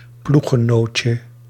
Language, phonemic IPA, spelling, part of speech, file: Dutch, /ˈpluxəˌnoːtjə/, ploeggenootje, noun, Nl-ploeggenootje.ogg
- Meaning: 1. diminutive of ploeggenoot 2. diminutive of ploeggenote